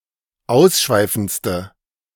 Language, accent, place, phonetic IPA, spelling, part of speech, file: German, Germany, Berlin, [ˈaʊ̯sˌʃvaɪ̯fn̩t͡stə], ausschweifendste, adjective, De-ausschweifendste.ogg
- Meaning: inflection of ausschweifend: 1. strong/mixed nominative/accusative feminine singular superlative degree 2. strong nominative/accusative plural superlative degree